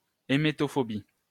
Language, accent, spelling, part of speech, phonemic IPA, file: French, France, émétophobie, noun, /e.me.tɔ.fɔ.bi/, LL-Q150 (fra)-émétophobie.wav
- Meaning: emetophobia (fear of vomit or vomiting)